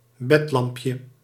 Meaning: diminutive of bedlamp
- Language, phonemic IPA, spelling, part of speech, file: Dutch, /ˈbɛtlɑmpjə/, bedlampje, noun, Nl-bedlampje.ogg